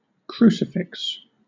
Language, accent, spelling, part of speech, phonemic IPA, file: English, Southern England, crucifix, noun, /ˈkɹuː.sɪˌfɪks/, LL-Q1860 (eng)-crucifix.wav
- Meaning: 1. A wooden structure used for crucifixions, as by the Romans 2. An ornamental or symbolic sculptural representation of Christ on a cross, often worn as a pendant or displayed in a Christian church